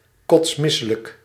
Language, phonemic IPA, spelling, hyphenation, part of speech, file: Dutch, /ˌkɔtsˈmɪ.sə.lək/, kotsmisselijk, kots‧mis‧se‧lijk, adjective, Nl-kotsmisselijk.ogg
- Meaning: very nauseous, very sick